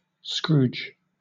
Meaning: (noun) 1. A miserly person; a person with an excessive dislike of spending money or other resources 2. A grinch; one who dislikes the Christmas holidays; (verb) To behave in a greedy or miserly way
- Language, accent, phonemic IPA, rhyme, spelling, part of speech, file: English, Southern England, /skɹuːd͡ʒ/, -uːd͡ʒ, scrooge, noun / verb, LL-Q1860 (eng)-scrooge.wav